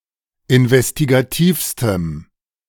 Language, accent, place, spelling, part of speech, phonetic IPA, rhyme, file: German, Germany, Berlin, investigativstem, adjective, [ɪnvɛstiɡaˈtiːfstəm], -iːfstəm, De-investigativstem.ogg
- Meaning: strong dative masculine/neuter singular superlative degree of investigativ